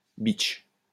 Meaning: bitch (disagreeable, despicable woman)
- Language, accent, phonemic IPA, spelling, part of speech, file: French, France, /bitʃ/, bitch, noun, LL-Q150 (fra)-bitch.wav